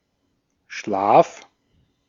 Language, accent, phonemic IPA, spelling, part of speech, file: German, Austria, /ʃlaːf/, Schlaf, noun, De-at-Schlaf.ogg
- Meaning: 1. sleep (condition of reduced consciousness) 2. sleep (dried mucus in the corner of the eyes) 3. temple (anatomy)